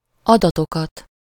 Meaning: accusative plural of adat
- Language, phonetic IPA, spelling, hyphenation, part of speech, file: Hungarian, [ˈɒdɒtokɒt], adatokat, ada‧to‧kat, noun, Hu-adatokat.ogg